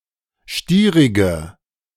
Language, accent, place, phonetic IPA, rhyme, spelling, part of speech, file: German, Germany, Berlin, [ˈʃtiːʁɪɡə], -iːʁɪɡə, stierige, adjective, De-stierige.ogg
- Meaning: inflection of stierig: 1. strong/mixed nominative/accusative feminine singular 2. strong nominative/accusative plural 3. weak nominative all-gender singular 4. weak accusative feminine/neuter singular